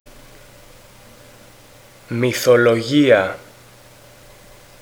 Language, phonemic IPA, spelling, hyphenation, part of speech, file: Greek, /mi.θo.loˈʝi.a/, μυθολογία, μυ‧θο‧λο‧γί‧α, noun, Ell-Mythologia.ogg
- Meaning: mythology